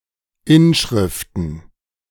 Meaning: plural of Inschrift
- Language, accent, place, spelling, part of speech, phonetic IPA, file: German, Germany, Berlin, Inschriften, noun, [ˈɪnˌʃʁɪftn̩], De-Inschriften.ogg